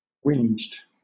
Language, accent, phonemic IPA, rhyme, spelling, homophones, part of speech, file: English, Southern England, /wɪnd͡ʒd/, -ɪndʒd, winged, whinged, verb, LL-Q1860 (eng)-winged.wav
- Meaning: simple past and past participle of winge